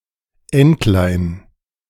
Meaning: diminutive of Ente; little duck, duckling
- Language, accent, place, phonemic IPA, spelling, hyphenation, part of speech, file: German, Germany, Berlin, /ˈɛntlaɪ̯n/, Entlein, Ent‧lein, noun, De-Entlein.ogg